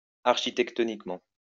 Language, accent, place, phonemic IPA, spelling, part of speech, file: French, France, Lyon, /aʁ.ʃi.tɛk.tɔ.nik.mɑ̃/, architectoniquement, adverb, LL-Q150 (fra)-architectoniquement.wav
- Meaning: architectonically